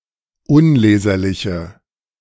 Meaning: inflection of unleserlich: 1. strong/mixed nominative/accusative feminine singular 2. strong nominative/accusative plural 3. weak nominative all-gender singular
- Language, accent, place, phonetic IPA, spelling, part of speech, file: German, Germany, Berlin, [ˈʊnˌleːzɐlɪçə], unleserliche, adjective, De-unleserliche.ogg